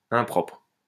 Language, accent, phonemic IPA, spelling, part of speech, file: French, France, /ɛ̃.pʁɔpʁ/, impropre, adjective, LL-Q150 (fra)-impropre.wav
- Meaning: 1. inappropriate 2. unsuited (to), unfit (for)